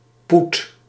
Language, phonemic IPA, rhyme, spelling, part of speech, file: Dutch, /put/, -ut, poet, noun, Nl-poet.ogg
- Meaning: 1. loot, stolen money or goods 2. money